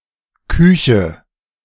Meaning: 1. kitchen (room) 2. cuisine (cooking traditions)
- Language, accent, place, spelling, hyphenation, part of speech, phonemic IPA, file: German, Germany, Berlin, Küche, Kü‧che, noun, /ˈkʏçə/, De-Küche2.ogg